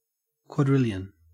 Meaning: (numeral) 1. A thousand trillion (logic: 1,000 × 1,000⁴): 1 followed by fifteen zeros, 10¹⁵ 2. A million trillion (logic: 1,000,000⁴): 1 followed by twenty-four zeros, 10²⁴
- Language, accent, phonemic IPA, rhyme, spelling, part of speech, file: English, Australia, /kwɔˈdɹɪl.jən/, -ɪljən, quadrillion, numeral / noun, En-au-quadrillion.ogg